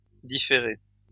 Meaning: past participle of différer
- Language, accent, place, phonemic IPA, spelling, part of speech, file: French, France, Lyon, /di.fe.ʁe/, différé, verb, LL-Q150 (fra)-différé.wav